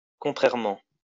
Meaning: contrarily, oppositely
- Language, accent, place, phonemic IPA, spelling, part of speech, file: French, France, Lyon, /kɔ̃.tʁɛʁ.mɑ̃/, contrairement, adverb, LL-Q150 (fra)-contrairement.wav